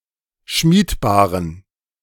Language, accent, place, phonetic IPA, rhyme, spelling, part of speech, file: German, Germany, Berlin, [ˈʃmiːtˌbaːʁən], -iːtbaːʁən, schmiedbaren, adjective, De-schmiedbaren.ogg
- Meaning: inflection of schmiedbar: 1. strong genitive masculine/neuter singular 2. weak/mixed genitive/dative all-gender singular 3. strong/weak/mixed accusative masculine singular 4. strong dative plural